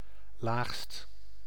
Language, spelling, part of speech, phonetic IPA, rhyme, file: Dutch, laagst, adjective, [laːxst], -aːxst, Nl-laagst.ogg
- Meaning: superlative degree of laag